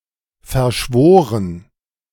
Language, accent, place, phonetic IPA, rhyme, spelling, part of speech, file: German, Germany, Berlin, [fɛɐ̯ˈʃvoːʁən], -oːʁən, verschworen, verb, De-verschworen.ogg
- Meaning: past participle of verschwören